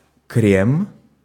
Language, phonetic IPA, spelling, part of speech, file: Russian, [krʲem], крем, noun, Ru-крем.ogg
- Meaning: cream, creme